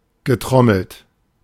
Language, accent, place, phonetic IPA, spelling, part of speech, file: German, Germany, Berlin, [ɡəˈtʁɔml̩t], getrommelt, verb, De-getrommelt.ogg
- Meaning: past participle of trommeln